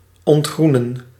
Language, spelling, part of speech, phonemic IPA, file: Dutch, ontgroenen, verb, /ˌɔntˈɣru.nə(n)/, Nl-ontgroenen.ogg
- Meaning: 1. to become less green, to lose its green colour 2. to have a decreasing young population 3. to haze 4. to start to become green